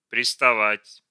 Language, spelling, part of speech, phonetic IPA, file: Russian, приставать, verb, [prʲɪstɐˈvatʲ], Ru-приставать.ogg
- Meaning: 1. to stick, to adhere 2. to bother, to pester 3. to hit on, to accost 4. to harass